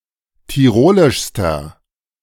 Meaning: inflection of tirolisch: 1. strong/mixed nominative masculine singular superlative degree 2. strong genitive/dative feminine singular superlative degree 3. strong genitive plural superlative degree
- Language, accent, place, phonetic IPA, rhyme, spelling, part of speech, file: German, Germany, Berlin, [tiˈʁoːlɪʃstɐ], -oːlɪʃstɐ, tirolischster, adjective, De-tirolischster.ogg